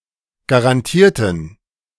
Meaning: inflection of garantieren: 1. first/third-person plural preterite 2. first/third-person plural subjunctive II
- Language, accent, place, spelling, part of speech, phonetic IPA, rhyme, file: German, Germany, Berlin, garantierten, adjective / verb, [ɡaʁanˈtiːɐ̯tn̩], -iːɐ̯tn̩, De-garantierten.ogg